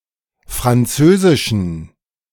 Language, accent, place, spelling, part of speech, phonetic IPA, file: German, Germany, Berlin, französischen, adjective, [fʁanˈt͡søːzɪʃn̩], De-französischen.ogg
- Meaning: inflection of französisch: 1. strong genitive masculine/neuter singular 2. weak/mixed genitive/dative all-gender singular 3. strong/weak/mixed accusative masculine singular 4. strong dative plural